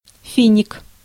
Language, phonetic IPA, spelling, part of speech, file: Russian, [ˈfʲinʲɪk], финик, noun, Ru-финик.ogg
- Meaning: date (fruit of the date palm)